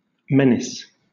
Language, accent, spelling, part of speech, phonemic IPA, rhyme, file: English, Southern England, menace, noun / verb, /ˈmɛnɪs/, -ɛnɪs, LL-Q1860 (eng)-menace.wav
- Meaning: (noun) 1. A perceived threat or danger 2. The act of threatening 3. An annoying and bothersome person or thing; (verb) To make threats against (someone); to intimidate